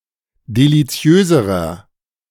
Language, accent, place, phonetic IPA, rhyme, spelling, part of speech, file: German, Germany, Berlin, [deliˈt͡si̯øːzəʁɐ], -øːzəʁɐ, deliziöserer, adjective, De-deliziöserer.ogg
- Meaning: inflection of deliziös: 1. strong/mixed nominative masculine singular comparative degree 2. strong genitive/dative feminine singular comparative degree 3. strong genitive plural comparative degree